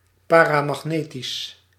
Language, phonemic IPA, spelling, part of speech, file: Dutch, /paːraːmɑxˈneːtis/, paramagnetisch, adjective, Nl-paramagnetisch.ogg
- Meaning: paramagnetic